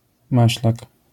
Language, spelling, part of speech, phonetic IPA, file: Polish, maślak, noun, [ˈmaɕlak], LL-Q809 (pol)-maślak.wav